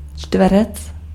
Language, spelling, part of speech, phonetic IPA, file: Czech, čtverec, noun, [ˈt͡ʃtvɛrɛt͡s], Cs-čtverec.ogg
- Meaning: square (polygon)